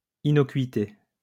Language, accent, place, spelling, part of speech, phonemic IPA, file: French, France, Lyon, innocuité, noun, /i.nɔ.kɥi.te/, LL-Q150 (fra)-innocuité.wav
- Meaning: innocuousness